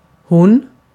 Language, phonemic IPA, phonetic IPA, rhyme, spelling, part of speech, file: Swedish, /hʊn/, [hʊnː], -ʊn, hon, pronoun, Sv-hon.ogg
- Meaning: 1. she; the third-person, singular, feminine pronoun in the nominative case 2. it (for certain nouns that were feminine in Old Swedish)